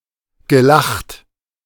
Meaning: past participle of lachen
- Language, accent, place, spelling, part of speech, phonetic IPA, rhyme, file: German, Germany, Berlin, gelacht, verb, [ɡəˈlaxt], -axt, De-gelacht.ogg